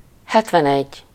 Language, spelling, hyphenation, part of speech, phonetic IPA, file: Hungarian, hetvenegy, het‧ven‧egy, numeral, [ˈhɛtvɛnɛɟː], Hu-hetvenegy.ogg
- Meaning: seventy-one